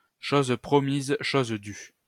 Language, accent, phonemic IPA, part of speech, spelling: French, France, /ʃoz pʁɔ.miz | ʃoz dy/, proverb, chose promise, chose due
- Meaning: a promise is a promise